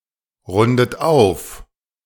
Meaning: inflection of aufrunden: 1. third-person singular present 2. second-person plural present 3. second-person plural subjunctive I 4. plural imperative
- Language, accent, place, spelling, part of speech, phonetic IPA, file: German, Germany, Berlin, rundet auf, verb, [ˌʁʊndət ˈaʊ̯f], De-rundet auf.ogg